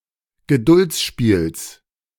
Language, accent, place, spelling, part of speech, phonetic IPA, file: German, Germany, Berlin, Geduldsspiels, noun, [ɡəˈdʊlt͡sˌʃpiːls], De-Geduldsspiels.ogg
- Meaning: genitive of Geduldsspiel